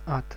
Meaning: 1. hell, Hades (the abode of the damned) 2. bog, unpassable mud
- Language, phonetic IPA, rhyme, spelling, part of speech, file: Russian, [at], -at, ад, noun, Ru-ад.ogg